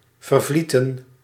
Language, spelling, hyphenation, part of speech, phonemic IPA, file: Dutch, vervlieten, ver‧vlie‧ten, verb, /ˌvərˈvli.tə(n)/, Nl-vervlieten.ogg
- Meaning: 1. to flow away 2. to evaporate 3. to disappear